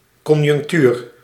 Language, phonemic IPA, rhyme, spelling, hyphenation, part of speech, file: Dutch, /ˌkɔn.jʏŋkˈtyːr/, -yr, conjunctuur, con‧junc‧tuur, noun, Nl-conjunctuur.ogg
- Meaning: 1. economic condition; conjuncture 2. business cycle